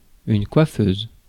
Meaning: 1. female equivalent of coiffeur (“hairdresser”) 2. dressing table
- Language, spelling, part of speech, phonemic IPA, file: French, coiffeuse, noun, /kwa.føz/, Fr-coiffeuse.ogg